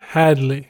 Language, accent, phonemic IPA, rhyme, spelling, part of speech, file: English, US, /ˈhædli/, -ædli, Hadley, proper noun, En-us-Hadley.ogg
- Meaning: 1. A habitational surname from Old English 2. A unisex given name transferred from the surname 3. A place name: A suburb in the borough of Barnet, Greater London, England (OS grid ref TQ2496)